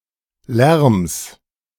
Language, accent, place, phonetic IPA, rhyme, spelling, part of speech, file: German, Germany, Berlin, [lɛʁms], -ɛʁms, Lärms, noun, De-Lärms.ogg
- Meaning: genitive singular of Lärm